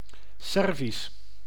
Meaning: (adjective) 1. Serbian (of the people) 2. Serbian (of the language); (proper noun) Serbian (language)
- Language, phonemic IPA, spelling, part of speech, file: Dutch, /ˈsɛr.vis/, Servisch, adjective / proper noun, Nl-Servisch.ogg